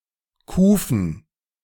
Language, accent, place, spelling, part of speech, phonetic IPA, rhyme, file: German, Germany, Berlin, Kufen, noun, [ˈkuːfn̩], -uːfn̩, De-Kufen.ogg
- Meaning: plural of Kufe